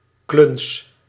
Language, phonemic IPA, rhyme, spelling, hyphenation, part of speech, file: Dutch, /klʏns/, -ʏns, kluns, kluns, noun, Nl-kluns.ogg
- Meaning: clumsy person, klutz